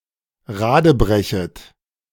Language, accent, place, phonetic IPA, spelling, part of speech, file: German, Germany, Berlin, [ˈʁaːdəˌbʁɛçət], radebrechet, verb, De-radebrechet.ogg
- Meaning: second-person plural subjunctive I of radebrechen